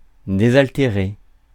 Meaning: to quench the thirst
- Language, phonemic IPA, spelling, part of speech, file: French, /de.zal.te.ʁe/, désaltérer, verb, Fr-désaltérer.ogg